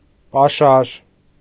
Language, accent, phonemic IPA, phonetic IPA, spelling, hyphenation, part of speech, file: Armenian, Eastern Armenian, /pɑˈʃɑɾ/, [pɑʃɑ́ɾ], պաշար, պա‧շար, noun, Hy-պաշար.ogg
- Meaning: 1. provisions, supplies 2. stock, supply, reserve 3. resource 4. surplus, excess 5. wealth (as in “inner wealth”)